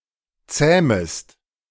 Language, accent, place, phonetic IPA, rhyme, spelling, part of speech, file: German, Germany, Berlin, [ˈt͡sɛːməst], -ɛːməst, zähmest, verb, De-zähmest.ogg
- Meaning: second-person singular subjunctive I of zähmen